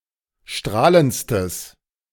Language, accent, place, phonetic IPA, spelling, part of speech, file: German, Germany, Berlin, [ˈʃtʁaːlənt͡stəs], strahlendstes, adjective, De-strahlendstes.ogg
- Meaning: strong/mixed nominative/accusative neuter singular superlative degree of strahlend